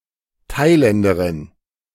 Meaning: Thai (woman from Thailand)
- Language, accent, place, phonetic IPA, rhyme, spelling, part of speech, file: German, Germany, Berlin, [ˈtaɪ̯ˌlɛndəʁɪn], -aɪ̯lɛndəʁɪn, Thailänderin, noun, De-Thailänderin.ogg